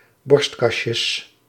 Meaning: plural of borstkasje
- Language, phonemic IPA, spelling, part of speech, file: Dutch, /ˈbɔrs(t)kɑʃəs/, borstkasjes, noun, Nl-borstkasjes.ogg